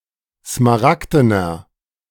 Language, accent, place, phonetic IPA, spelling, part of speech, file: German, Germany, Berlin, [smaˈʁakdənɐ], smaragdener, adjective, De-smaragdener.ogg
- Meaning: inflection of smaragden: 1. strong/mixed nominative masculine singular 2. strong genitive/dative feminine singular 3. strong genitive plural